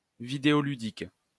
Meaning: videogaming
- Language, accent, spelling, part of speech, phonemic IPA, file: French, France, vidéoludique, adjective, /vi.de.ɔ.ly.dik/, LL-Q150 (fra)-vidéoludique.wav